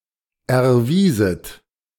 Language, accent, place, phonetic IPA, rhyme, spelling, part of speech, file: German, Germany, Berlin, [ɛɐ̯ˈviːzət], -iːzət, erwieset, verb, De-erwieset.ogg
- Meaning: second-person plural subjunctive II of erweisen